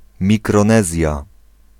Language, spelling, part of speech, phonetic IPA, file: Polish, Mikronezja, proper noun, [ˌmʲikrɔ̃ˈnɛzʲja], Pl-Mikronezja.ogg